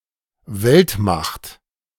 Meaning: world power
- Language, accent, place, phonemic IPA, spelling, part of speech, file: German, Germany, Berlin, /vɛltˌmaxt/, Weltmacht, noun, De-Weltmacht.ogg